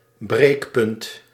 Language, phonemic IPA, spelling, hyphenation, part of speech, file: Dutch, /ˈbreːk.pʏnt/, breekpunt, breek‧punt, noun, Nl-breekpunt.ogg
- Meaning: 1. breaking point 2. political red line, cause for ending coalition talks